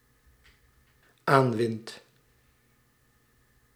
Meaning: second/third-person singular dependent-clause present indicative of aanwinnen
- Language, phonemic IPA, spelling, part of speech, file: Dutch, /ˈaɱwɪnt/, aanwint, verb, Nl-aanwint.ogg